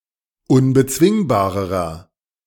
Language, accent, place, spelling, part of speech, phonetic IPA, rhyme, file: German, Germany, Berlin, unbezwingbarerer, adjective, [ʊnbəˈt͡svɪŋbaːʁəʁɐ], -ɪŋbaːʁəʁɐ, De-unbezwingbarerer.ogg
- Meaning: inflection of unbezwingbar: 1. strong/mixed nominative masculine singular comparative degree 2. strong genitive/dative feminine singular comparative degree 3. strong genitive plural comparative degree